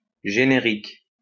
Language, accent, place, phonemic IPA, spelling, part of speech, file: French, France, Lyon, /ʒe.ne.ʁik/, générique, adjective / noun, LL-Q150 (fra)-générique.wav
- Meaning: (adjective) 1. genus, generic 2. generic, genericized; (noun) 1. credits, titles 2. ellipsis of médicament générique (“a generic drug”)